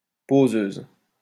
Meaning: feminine singular of poseur
- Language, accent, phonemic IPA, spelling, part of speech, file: French, France, /po.zøz/, poseuse, adjective, LL-Q150 (fra)-poseuse.wav